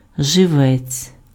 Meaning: 1. bait fish 2. cutting 3. vitality, vital force, energy
- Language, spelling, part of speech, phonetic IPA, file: Ukrainian, живець, noun, [ʒeˈʋɛt͡sʲ], Uk-живець.ogg